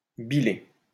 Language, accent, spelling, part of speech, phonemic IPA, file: French, France, biler, verb, /bi.le/, LL-Q150 (fra)-biler.wav
- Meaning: to worry (pour) about